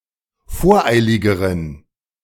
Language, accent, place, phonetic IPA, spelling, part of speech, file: German, Germany, Berlin, [ˈfoːɐ̯ˌʔaɪ̯lɪɡəʁən], voreiligeren, adjective, De-voreiligeren.ogg
- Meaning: inflection of voreilig: 1. strong genitive masculine/neuter singular comparative degree 2. weak/mixed genitive/dative all-gender singular comparative degree